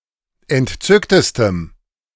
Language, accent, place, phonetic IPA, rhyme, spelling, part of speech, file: German, Germany, Berlin, [ɛntˈt͡sʏktəstəm], -ʏktəstəm, entzücktestem, adjective, De-entzücktestem.ogg
- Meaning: strong dative masculine/neuter singular superlative degree of entzückt